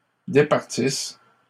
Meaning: second-person singular present/imperfect subjunctive of départir
- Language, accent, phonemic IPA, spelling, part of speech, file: French, Canada, /de.paʁ.tis/, départisses, verb, LL-Q150 (fra)-départisses.wav